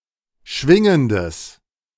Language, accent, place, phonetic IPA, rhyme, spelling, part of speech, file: German, Germany, Berlin, [ˈʃvɪŋəndəs], -ɪŋəndəs, schwingendes, adjective, De-schwingendes.ogg
- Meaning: strong/mixed nominative/accusative neuter singular of schwingend